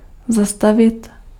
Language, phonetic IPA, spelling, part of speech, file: Czech, [ˈzastavɪt], zastavit, verb, Cs-zastavit.ogg
- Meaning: 1. to stop (to cease moving) 2. to pawn (put in a pawnshop) 3. to stop, to halt, to pause